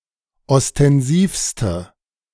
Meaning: inflection of ostensiv: 1. strong/mixed nominative/accusative feminine singular superlative degree 2. strong nominative/accusative plural superlative degree
- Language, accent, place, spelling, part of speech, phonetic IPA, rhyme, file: German, Germany, Berlin, ostensivste, adjective, [ɔstɛnˈziːfstə], -iːfstə, De-ostensivste.ogg